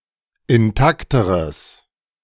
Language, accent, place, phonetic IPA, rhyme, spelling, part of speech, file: German, Germany, Berlin, [ɪnˈtaktəʁəs], -aktəʁəs, intakteres, adjective, De-intakteres.ogg
- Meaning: strong/mixed nominative/accusative neuter singular comparative degree of intakt